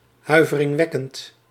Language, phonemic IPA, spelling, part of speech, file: Dutch, /ˌhœyvərɪŋˈwɛkənt/, huiveringwekkend, adjective, Nl-huiveringwekkend.ogg
- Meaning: horrible